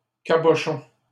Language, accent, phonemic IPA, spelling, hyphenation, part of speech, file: French, Canada, /ka.bɔ.ʃɔ̃/, cabochon, ca‧bo‧chon, noun, LL-Q150 (fra)-cabochon.wav
- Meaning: 1. cabochon 2. cul-de-lampe 3. Small nail with an ornamental head, especially used in furniture 4. head 5. silly, unintelligent, clumsy